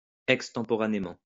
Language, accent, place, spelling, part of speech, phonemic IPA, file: French, France, Lyon, extemporanément, adverb, /ɛk.stɑ̃.pɔ.ʁa.ne.mɑ̃/, LL-Q150 (fra)-extemporanément.wav
- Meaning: extemporaneously